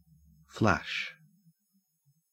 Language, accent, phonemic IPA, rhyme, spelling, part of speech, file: English, Australia, /flæʃ/, -æʃ, flash, verb / noun / adjective, En-au-flash.ogg
- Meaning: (verb) 1. To cause to shine briefly or intermittently 2. To blink; to shine or illuminate intermittently 3. To be visible briefly 4. To make visible briefly